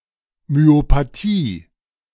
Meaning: myopathy
- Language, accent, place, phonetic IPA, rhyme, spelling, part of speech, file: German, Germany, Berlin, [myopaˈtiː], -iː, Myopathie, noun, De-Myopathie.ogg